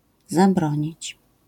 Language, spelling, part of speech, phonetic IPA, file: Polish, zabronić, verb, [zaˈbrɔ̃ɲit͡ɕ], LL-Q809 (pol)-zabronić.wav